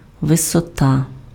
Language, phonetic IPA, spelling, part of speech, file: Ukrainian, [ʋesɔˈta], висота, noun, Uk-висота.ogg
- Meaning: 1. height 2. altitude